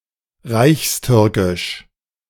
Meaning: Ottoman Turkish
- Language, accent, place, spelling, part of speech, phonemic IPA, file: German, Germany, Berlin, Reichstürkisch, proper noun, /ˈraɪ̯çs̩ˌtʏɐ̯kɪʃ/, De-Reichstürkisch.ogg